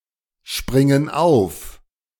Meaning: inflection of aufspringen: 1. first/third-person plural present 2. first/third-person plural subjunctive I
- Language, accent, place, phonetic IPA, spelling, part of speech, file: German, Germany, Berlin, [ˌʃpʁɪŋən ˈaʊ̯f], springen auf, verb, De-springen auf.ogg